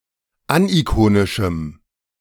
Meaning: strong dative masculine/neuter singular of anikonisch
- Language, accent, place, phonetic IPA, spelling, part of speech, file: German, Germany, Berlin, [ˈanʔiˌkoːnɪʃm̩], anikonischem, adjective, De-anikonischem.ogg